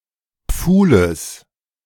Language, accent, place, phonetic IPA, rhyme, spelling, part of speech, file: German, Germany, Berlin, [ˈp͡fuːləs], -uːləs, Pfuhles, noun, De-Pfuhles.ogg
- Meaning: genitive of Pfuhl